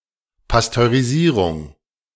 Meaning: pasteurization
- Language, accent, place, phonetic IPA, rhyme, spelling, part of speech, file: German, Germany, Berlin, [pastøʁiˈziːʁʊŋ], -iːʁʊŋ, Pasteurisierung, noun, De-Pasteurisierung.ogg